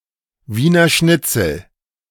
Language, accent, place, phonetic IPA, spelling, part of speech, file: German, Germany, Berlin, [ˈviːnɐ ˈʃnɪt͡sl̩], Wiener Schnitzel, noun, De-Wiener Schnitzel.ogg
- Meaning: Wiener schnitzel, veal schnitzel